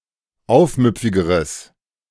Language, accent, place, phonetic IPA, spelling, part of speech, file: German, Germany, Berlin, [ˈaʊ̯fˌmʏp͡fɪɡəʁəs], aufmüpfigeres, adjective, De-aufmüpfigeres.ogg
- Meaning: strong/mixed nominative/accusative neuter singular comparative degree of aufmüpfig